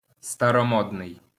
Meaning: old-fashioned, outmoded, outdated, out of date, oldfangled, antiquated
- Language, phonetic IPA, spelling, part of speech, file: Ukrainian, [stɐrɔˈmɔdnei̯], старомодний, adjective, LL-Q8798 (ukr)-старомодний.wav